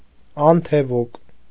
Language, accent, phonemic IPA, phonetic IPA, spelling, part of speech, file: Armenian, Eastern Armenian, /ɑntʰeˈvuk/, [ɑntʰevúk], անթևուկ, noun, Hy-անթևուկ.ogg
- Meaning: penguin